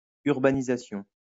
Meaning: urbanization
- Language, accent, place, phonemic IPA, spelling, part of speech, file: French, France, Lyon, /yʁ.ba.ni.za.sjɔ̃/, urbanisation, noun, LL-Q150 (fra)-urbanisation.wav